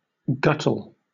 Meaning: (verb) 1. Often followed by down or up: to swallow (something) greedily; to gobble, to guzzle 2. To eat voraciously; to gorge; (noun) An act of swallowing voraciously
- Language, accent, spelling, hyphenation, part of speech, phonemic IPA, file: English, Southern England, guttle, gut‧tle, verb / noun, /ˈɡʌtl̩/, LL-Q1860 (eng)-guttle.wav